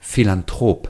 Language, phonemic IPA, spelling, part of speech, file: German, /fi.lan.ˈtʁoːp/, Philanthrop, noun, De-Philanthrop.ogg
- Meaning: philanthropist